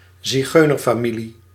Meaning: gypsy family
- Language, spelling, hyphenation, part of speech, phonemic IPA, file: Dutch, zigeunerfamilie, zi‧geu‧ner‧fa‧mi‧lie, noun, /ziˈɣøː.nər.faːˌmi.li/, Nl-zigeunerfamilie.ogg